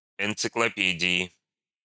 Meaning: inflection of энциклопе́дия (enciklopédija): 1. genitive/dative/prepositional singular 2. nominative/accusative plural
- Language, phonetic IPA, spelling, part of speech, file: Russian, [ɪnt͡sɨkɫɐˈpʲedʲɪɪ], энциклопедии, noun, Ru-энциклопедии.ogg